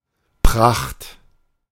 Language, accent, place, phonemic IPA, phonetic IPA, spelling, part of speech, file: German, Germany, Berlin, /praxt/, [pʰʁ̥äχtʰ], Pracht, noun / proper noun, De-Pracht.ogg
- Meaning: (noun) splendor, resplendence, magnificence, pomp; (proper noun) a municipality in northern Rhineland-Palatinate, Germany